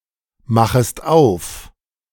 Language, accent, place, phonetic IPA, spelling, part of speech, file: German, Germany, Berlin, [ˌmaxəst ˈaʊ̯f], machest auf, verb, De-machest auf.ogg
- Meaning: second-person singular subjunctive I of aufmachen